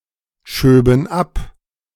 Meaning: first/third-person plural subjunctive II of abschieben
- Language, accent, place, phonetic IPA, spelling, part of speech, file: German, Germany, Berlin, [ˌʃøːbn̩ ˈap], schöben ab, verb, De-schöben ab.ogg